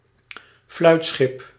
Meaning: fluyt, flute (Dutch type of cargo ship)
- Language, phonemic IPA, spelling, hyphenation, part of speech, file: Dutch, /ˈflœy̯t.sxɪp/, fluitschip, fluit‧schip, noun, Nl-fluitschip.ogg